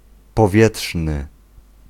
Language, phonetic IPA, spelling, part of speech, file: Polish, [pɔˈvʲjɛṭʃnɨ], powietrzny, adjective, Pl-powietrzny.ogg